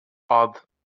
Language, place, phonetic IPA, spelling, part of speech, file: Azerbaijani, Baku, [ɑd], ad, noun, LL-Q9292 (aze)-ad.wav
- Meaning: 1. name, first name 2. noun